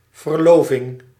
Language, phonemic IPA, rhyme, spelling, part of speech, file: Dutch, /vərˈloː.vɪŋ/, -oːvɪŋ, verloving, noun, Nl-verloving.ogg
- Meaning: engagement (before marrying)